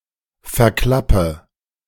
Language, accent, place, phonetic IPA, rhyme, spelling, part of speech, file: German, Germany, Berlin, [fɛɐ̯ˈklapə], -apə, verklappe, verb, De-verklappe.ogg
- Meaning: inflection of verklappen: 1. first-person singular present 2. first/third-person singular subjunctive I 3. singular imperative